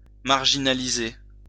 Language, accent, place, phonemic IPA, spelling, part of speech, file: French, France, Lyon, /maʁ.ʒi.na.li.ze/, marginaliser, verb, LL-Q150 (fra)-marginaliser.wav
- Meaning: to marginalise (to relegate to the margins; to exclude socially or otherwise)